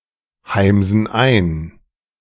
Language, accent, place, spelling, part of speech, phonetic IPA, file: German, Germany, Berlin, heimsen ein, verb, [ˌhaɪ̯mzn̩ ˈaɪ̯n], De-heimsen ein.ogg
- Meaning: inflection of einheimsen: 1. first/third-person plural present 2. first/third-person plural subjunctive I